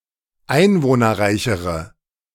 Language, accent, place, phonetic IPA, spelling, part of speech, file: German, Germany, Berlin, [ˈaɪ̯nvoːnɐˌʁaɪ̯çəʁə], einwohnerreichere, adjective, De-einwohnerreichere.ogg
- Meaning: inflection of einwohnerreich: 1. strong/mixed nominative/accusative feminine singular comparative degree 2. strong nominative/accusative plural comparative degree